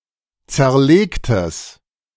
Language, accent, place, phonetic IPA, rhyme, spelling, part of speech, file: German, Germany, Berlin, [ˌt͡sɛɐ̯ˈleːktəs], -eːktəs, zerlegtes, adjective, De-zerlegtes.ogg
- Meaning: strong/mixed nominative/accusative neuter singular of zerlegt